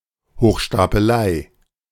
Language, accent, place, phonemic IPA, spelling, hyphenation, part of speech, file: German, Germany, Berlin, /hoːxʃtaːpəˈlaɪ̯/, Hochstapelei, Hoch‧sta‧pe‧lei, noun, De-Hochstapelei.ogg
- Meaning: confidence game, imposture